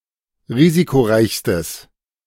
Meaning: strong/mixed nominative/accusative neuter singular superlative degree of risikoreich
- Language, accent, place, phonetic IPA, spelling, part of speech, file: German, Germany, Berlin, [ˈʁiːzikoˌʁaɪ̯çstəs], risikoreichstes, adjective, De-risikoreichstes.ogg